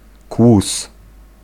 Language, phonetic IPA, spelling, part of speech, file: Polish, [kwus], kłus, noun, Pl-kłus.ogg